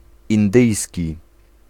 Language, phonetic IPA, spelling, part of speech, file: Polish, [ĩnˈdɨjsʲci], indyjski, adjective, Pl-indyjski.ogg